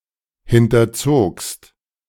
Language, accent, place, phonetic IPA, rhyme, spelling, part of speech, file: German, Germany, Berlin, [ˌhɪntɐˈt͡soːkst], -oːkst, hinterzogst, verb, De-hinterzogst.ogg
- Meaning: second-person singular preterite of hinterziehen